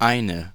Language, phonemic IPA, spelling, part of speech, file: German, /ˈʔaɪ̯nə/, eine, numeral / article / pronoun, De-eine.ogg
- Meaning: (numeral) nominative/accusative feminine singular of ein; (article) nominative/accusative feminine singular of ein: a, an; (pronoun) inflection of einer: strong nominative/accusative feminine singular